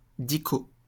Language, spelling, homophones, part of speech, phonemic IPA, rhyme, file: French, dico, dicot / dicots, noun, /di.ko/, -o, LL-Q150 (fra)-dico.wav
- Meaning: dictionary